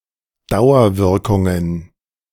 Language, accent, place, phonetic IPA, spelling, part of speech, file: German, Germany, Berlin, [ˈdaʊ̯ɐˌvɪʁkʊŋən], Dauerwirkungen, noun, De-Dauerwirkungen.ogg
- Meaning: plural of Dauerwirkung